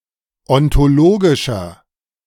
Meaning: inflection of ontologisch: 1. strong/mixed nominative masculine singular 2. strong genitive/dative feminine singular 3. strong genitive plural
- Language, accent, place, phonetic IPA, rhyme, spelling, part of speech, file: German, Germany, Berlin, [ɔntoˈloːɡɪʃɐ], -oːɡɪʃɐ, ontologischer, adjective, De-ontologischer.ogg